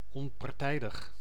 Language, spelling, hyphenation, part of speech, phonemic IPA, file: Dutch, onpartijdig, on‧par‧tij‧dig, adjective, /ɔmpɑrˈtɛi̯dəx/, Nl-onpartijdig.ogg
- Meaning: 1. not being affiliated to a stakeholder, impartial, unpartisan 2. impartial, unbiased, treating all parties, rivals or disputants equally (of persons)